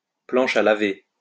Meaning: washboard
- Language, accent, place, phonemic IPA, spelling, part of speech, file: French, France, Lyon, /plɑ̃.ʃ‿a la.ve/, planche à laver, noun, LL-Q150 (fra)-planche à laver.wav